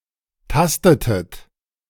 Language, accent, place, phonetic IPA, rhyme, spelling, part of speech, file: German, Germany, Berlin, [ˈtastətət], -astətət, tastetet, verb, De-tastetet.ogg
- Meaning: inflection of tasten: 1. second-person plural preterite 2. second-person plural subjunctive II